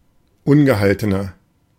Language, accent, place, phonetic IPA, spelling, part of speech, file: German, Germany, Berlin, [ˈʊnɡəˌhaltənɐ], ungehaltener, adjective, De-ungehaltener.ogg
- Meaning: 1. comparative degree of ungehalten 2. inflection of ungehalten: strong/mixed nominative masculine singular 3. inflection of ungehalten: strong genitive/dative feminine singular